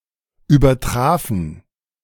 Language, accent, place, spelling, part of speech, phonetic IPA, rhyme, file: German, Germany, Berlin, übertrafen, verb, [yːbɐˈtʁaːfn̩], -aːfn̩, De-übertrafen.ogg
- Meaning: first/third-person plural preterite of übertreffen